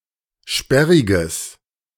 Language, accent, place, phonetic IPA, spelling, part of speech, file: German, Germany, Berlin, [ˈʃpɛʁɪɡəs], sperriges, adjective, De-sperriges.ogg
- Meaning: strong/mixed nominative/accusative neuter singular of sperrig